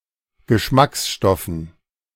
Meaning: dative plural of Geschmacksstoff
- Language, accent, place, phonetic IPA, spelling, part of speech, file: German, Germany, Berlin, [ɡəˈʃmaksˌʃtɔfn̩], Geschmacksstoffen, noun, De-Geschmacksstoffen.ogg